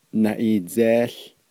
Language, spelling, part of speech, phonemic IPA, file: Navajo, naʼiidzeeł, noun, /nɑ̀ʔìːt͡sèːɬ/, Nv-naʼiidzeeł.ogg
- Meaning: dream (a dream during slumber, whether good or bad)